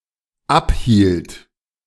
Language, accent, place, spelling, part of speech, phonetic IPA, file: German, Germany, Berlin, abhielt, verb, [ˈapˌhiːlt], De-abhielt.ogg
- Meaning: first/third-person singular dependent preterite of abhalten